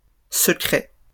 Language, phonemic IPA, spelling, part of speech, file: French, /sə.kʁɛ/, secrets, noun / adjective, LL-Q150 (fra)-secrets.wav
- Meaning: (noun) plural of secret; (adjective) masculine plural of secret